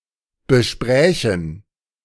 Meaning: first-person plural subjunctive II of besprechen
- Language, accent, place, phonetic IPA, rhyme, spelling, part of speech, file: German, Germany, Berlin, [bəˈʃpʁɛːçn̩], -ɛːçn̩, besprächen, verb, De-besprächen.ogg